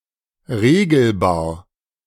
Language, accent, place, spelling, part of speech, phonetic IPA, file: German, Germany, Berlin, regelbar, adjective, [ˈʁeːɡl̩baːɐ̯], De-regelbar.ogg
- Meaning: 1. adjustable 2. variable